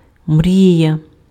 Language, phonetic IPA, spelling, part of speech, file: Ukrainian, [ˈmrʲijɐ], мрія, noun, Uk-мрія.ogg
- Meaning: 1. dream (product of the imagination, fantasy, aspiration) 2. daydream